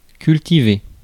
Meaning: to cultivate
- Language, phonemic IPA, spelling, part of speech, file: French, /kyl.ti.ve/, cultiver, verb, Fr-cultiver.ogg